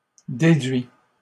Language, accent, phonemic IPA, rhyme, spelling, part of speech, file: French, Canada, /de.dɥi/, -ɥi, déduits, adjective, LL-Q150 (fra)-déduits.wav
- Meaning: masculine plural of déduit